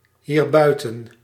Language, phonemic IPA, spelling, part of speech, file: Dutch, /hirˈbœytə(n)/, hierbuiten, adverb, Nl-hierbuiten.ogg
- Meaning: pronominal adverb form of buiten + dit